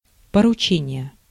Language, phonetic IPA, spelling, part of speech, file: Russian, [pərʊˈt͡ɕenʲɪje], поручение, noun, Ru-поручение.ogg
- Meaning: 1. assignment, commission, errand 2. order